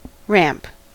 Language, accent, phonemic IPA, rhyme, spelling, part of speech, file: English, US, /ɹæmp/, -æmp, ramp, noun / verb, En-us-ramp.ogg
- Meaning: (noun) 1. An inclined surface that connects two levels; an incline 2. An interchange, a road that connects a freeway to a surface street or another freeway